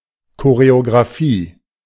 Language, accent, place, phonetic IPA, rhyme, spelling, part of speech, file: German, Germany, Berlin, [koʁeoɡʁaˈfiː], -iː, Choreografie, noun, De-Choreografie.ogg
- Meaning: choreography